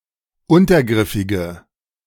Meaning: inflection of untergriffig: 1. strong/mixed nominative/accusative feminine singular 2. strong nominative/accusative plural 3. weak nominative all-gender singular
- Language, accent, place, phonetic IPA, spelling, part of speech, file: German, Germany, Berlin, [ˈʊntɐˌɡʁɪfɪɡə], untergriffige, adjective, De-untergriffige.ogg